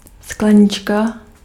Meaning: diminutive of sklenice
- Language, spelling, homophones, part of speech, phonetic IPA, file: Czech, sklenička, Sklenička, noun, [ˈsklɛɲɪt͡ʃka], Cs-sklenička.ogg